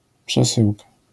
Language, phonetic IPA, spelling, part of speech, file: Polish, [pʃɛˈsɨwka], przesyłka, noun, LL-Q809 (pol)-przesyłka.wav